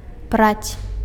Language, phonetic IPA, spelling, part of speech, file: Belarusian, [prat͡sʲ], праць, verb, Be-праць.ogg
- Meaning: to wash (clothes)